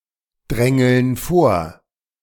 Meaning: inflection of vordrängeln: 1. first/third-person plural present 2. first/third-person plural subjunctive I
- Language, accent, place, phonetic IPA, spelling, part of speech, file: German, Germany, Berlin, [ˌdʁɛŋl̩n ˈfoːɐ̯], drängeln vor, verb, De-drängeln vor.ogg